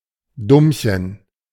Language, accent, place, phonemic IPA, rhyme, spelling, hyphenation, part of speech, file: German, Germany, Berlin, /ˈdʊmçən/, -ʊmçən, Dummchen, Dumm‧chen, noun, De-Dummchen.ogg
- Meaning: dummy, dumb person